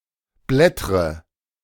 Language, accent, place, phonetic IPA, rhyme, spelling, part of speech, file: German, Germany, Berlin, [ˈblɛtʁə], -ɛtʁə, blättre, verb, De-blättre.ogg
- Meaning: inflection of blättern: 1. first-person singular present 2. first/third-person singular subjunctive I 3. singular imperative